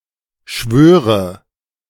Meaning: inflection of schwören: 1. first-person singular present 2. first/third-person singular subjunctive I 3. singular imperative
- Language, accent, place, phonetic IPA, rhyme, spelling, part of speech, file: German, Germany, Berlin, [ˈʃvøːʁə], -øːʁə, schwöre, verb, De-schwöre.ogg